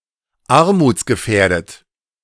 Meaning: at risk of poverty
- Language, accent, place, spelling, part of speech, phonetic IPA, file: German, Germany, Berlin, armutsgefährdet, adjective, [ˈaʁmuːt͡sɡəˌfɛːɐ̯dət], De-armutsgefährdet.ogg